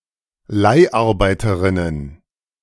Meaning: plural of Leiharbeiterin
- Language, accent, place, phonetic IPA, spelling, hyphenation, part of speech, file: German, Germany, Berlin, [ˈlaɪ̯ʔaʁˌbaɪ̯tɐʁɪnən], Leiharbeiterinnen, Leih‧ar‧bei‧te‧rin‧nen, noun, De-Leiharbeiterinnen.ogg